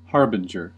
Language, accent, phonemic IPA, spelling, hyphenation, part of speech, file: English, US, /ˈhɑɹ.bɪn.d͡ʒəɹ/, harbinger, har‧bin‧ger, noun / verb, En-us-harbinger.ogg
- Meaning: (noun) A person or thing that foreshadows or foretells the coming of someone or something